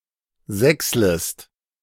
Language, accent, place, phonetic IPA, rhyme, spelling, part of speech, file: German, Germany, Berlin, [ˈzɛksləst], -ɛksləst, sächslest, verb, De-sächslest.ogg
- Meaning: second-person singular subjunctive I of sächseln